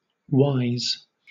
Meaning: plural of Y
- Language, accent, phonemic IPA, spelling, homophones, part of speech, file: English, Southern England, /waɪz/, Ys, whys / why's / wise / Wise / wyes, noun, LL-Q1860 (eng)-Ys.wav